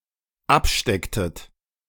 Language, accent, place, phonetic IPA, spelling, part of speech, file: German, Germany, Berlin, [ˈapˌʃtɛktət], abstecktet, verb, De-abstecktet.ogg
- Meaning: inflection of abstecken: 1. second-person plural dependent preterite 2. second-person plural dependent subjunctive II